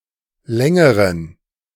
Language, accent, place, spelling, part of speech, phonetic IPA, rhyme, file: German, Germany, Berlin, längeren, adjective, [ˈlɛŋəʁən], -ɛŋəʁən, De-längeren.ogg
- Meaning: inflection of lang: 1. strong genitive masculine/neuter singular comparative degree 2. weak/mixed genitive/dative all-gender singular comparative degree